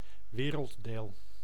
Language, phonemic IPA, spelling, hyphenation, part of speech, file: Dutch, /ˈʋeː.rəl(t)ˌdeːl/, werelddeel, we‧reld‧deel, noun, Nl-werelddeel.ogg
- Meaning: continent